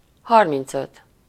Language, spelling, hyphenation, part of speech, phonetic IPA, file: Hungarian, harmincöt, har‧minc‧öt, numeral, [ˈhɒrmint͡søt], Hu-harmincöt.ogg
- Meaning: thirty-five